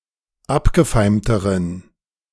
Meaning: inflection of abgefeimt: 1. strong genitive masculine/neuter singular comparative degree 2. weak/mixed genitive/dative all-gender singular comparative degree
- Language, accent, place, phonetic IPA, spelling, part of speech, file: German, Germany, Berlin, [ˈapɡəˌfaɪ̯mtəʁən], abgefeimteren, adjective, De-abgefeimteren.ogg